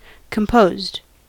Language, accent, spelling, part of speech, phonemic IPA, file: English, US, composed, adjective / verb, /kəmˈpoʊzd/, En-us-composed.ogg
- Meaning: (adjective) Showing composure; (verb) simple past and past participle of compose